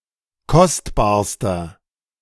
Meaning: inflection of kostbar: 1. strong/mixed nominative masculine singular superlative degree 2. strong genitive/dative feminine singular superlative degree 3. strong genitive plural superlative degree
- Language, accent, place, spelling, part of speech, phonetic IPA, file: German, Germany, Berlin, kostbarster, adjective, [ˈkɔstbaːɐ̯stɐ], De-kostbarster.ogg